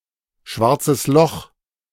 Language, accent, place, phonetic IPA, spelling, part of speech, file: German, Germany, Berlin, [ˌʃvaʁt͡səs ˈlɔx], Schwarzes Loch, phrase, De-Schwarzes Loch.ogg
- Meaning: alternative letter-case form of schwarzes Loch